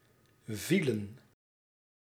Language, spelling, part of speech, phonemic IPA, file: Dutch, vielen, verb, /vilə(n)/, Nl-vielen.ogg
- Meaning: inflection of vallen: 1. plural past indicative 2. plural past subjunctive